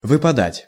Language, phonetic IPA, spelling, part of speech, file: Russian, [vɨpɐˈdatʲ], выпадать, verb, Ru-выпадать.ogg
- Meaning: 1. to drop out, to fall out (out of something) 2. to come out 3. to fall out, to come out 4. to fall (precipitations, sediments)